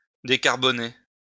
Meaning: decarbonize (to lower carbon levels (in prodcution))
- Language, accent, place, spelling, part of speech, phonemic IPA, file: French, France, Lyon, décarboner, verb, /de.kaʁ.bɔ.ne/, LL-Q150 (fra)-décarboner.wav